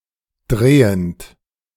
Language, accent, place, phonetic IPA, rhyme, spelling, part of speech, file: German, Germany, Berlin, [ˈdʁeːənt], -eːənt, drehend, verb, De-drehend.ogg
- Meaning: present participle of drehen